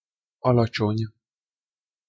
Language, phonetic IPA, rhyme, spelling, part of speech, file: Hungarian, [ˈɒlɒt͡ʃoɲ], -oɲ, alacsony, adjective, Hu-alacsony.ogg
- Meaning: short (in stature), low